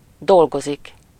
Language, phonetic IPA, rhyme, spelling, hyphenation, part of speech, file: Hungarian, [ˈdolɡozik], -ozik, dolgozik, dol‧go‧zik, verb, Hu-dolgozik.ogg
- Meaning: 1. to work (on something: -n/-on/-en/-ön or at a company: -nál/-nél) 2. to work, strive, for something: -ért